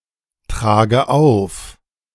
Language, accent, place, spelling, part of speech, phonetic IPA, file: German, Germany, Berlin, trage auf, verb, [ˌtʁaːɡə ˈaʊ̯f], De-trage auf.ogg
- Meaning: inflection of auftragen: 1. first-person singular present 2. first/third-person singular subjunctive I 3. singular imperative